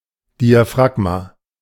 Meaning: 1. diaphragm (contraceptive device) 2. diaphragm
- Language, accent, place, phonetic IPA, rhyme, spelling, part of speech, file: German, Germany, Berlin, [ˌdiaˈfʁaɡma], -aɡma, Diaphragma, noun, De-Diaphragma.ogg